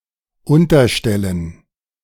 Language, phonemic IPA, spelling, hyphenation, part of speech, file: German, /ˈʊntɐˌʃtɛlən/, Unterstellen, Un‧ter‧stel‧len, noun, De-Unterstellen.ogg
- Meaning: gerund of unterstellen